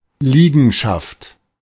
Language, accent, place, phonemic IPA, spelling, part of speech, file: German, Germany, Berlin, /ˈliːɡənˌʃaft/, Liegenschaft, noun, De-Liegenschaft.ogg
- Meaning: property, piece of real estate (land that is owned, typically with one or more buildings thereon)